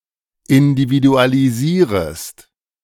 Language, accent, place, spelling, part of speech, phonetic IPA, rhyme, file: German, Germany, Berlin, individualisierest, verb, [ɪndividualiˈziːʁəst], -iːʁəst, De-individualisierest.ogg
- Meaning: second-person singular subjunctive I of individualisieren